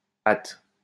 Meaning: -ate
- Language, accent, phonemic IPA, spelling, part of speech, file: French, France, /at/, -ate, suffix, LL-Q150 (fra)--ate.wav